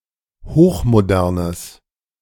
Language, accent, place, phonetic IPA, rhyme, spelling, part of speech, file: German, Germany, Berlin, [ˌhoːxmoˈdɛʁnəs], -ɛʁnəs, hochmodernes, adjective, De-hochmodernes.ogg
- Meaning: strong/mixed nominative/accusative neuter singular of hochmodern